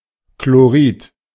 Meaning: chloride
- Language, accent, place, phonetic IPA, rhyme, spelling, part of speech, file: German, Germany, Berlin, [kloˈʁiːt], -iːt, Chlorid, noun, De-Chlorid.ogg